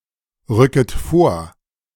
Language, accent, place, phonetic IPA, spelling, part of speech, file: German, Germany, Berlin, [ˌʁʏkət ˈfoːɐ̯], rücket vor, verb, De-rücket vor.ogg
- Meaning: second-person plural subjunctive I of vorrücken